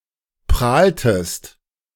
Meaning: inflection of prahlen: 1. second-person singular preterite 2. second-person singular subjunctive II
- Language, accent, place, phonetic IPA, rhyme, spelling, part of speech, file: German, Germany, Berlin, [ˈpʁaːltəst], -aːltəst, prahltest, verb, De-prahltest.ogg